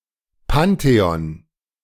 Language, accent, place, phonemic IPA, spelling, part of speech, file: German, Germany, Berlin, /ˈpanteɔn/, Pantheon, noun, De-Pantheon.ogg
- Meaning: pantheon